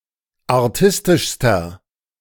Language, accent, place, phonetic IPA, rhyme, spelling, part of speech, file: German, Germany, Berlin, [aʁˈtɪstɪʃstɐ], -ɪstɪʃstɐ, artistischster, adjective, De-artistischster.ogg
- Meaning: inflection of artistisch: 1. strong/mixed nominative masculine singular superlative degree 2. strong genitive/dative feminine singular superlative degree 3. strong genitive plural superlative degree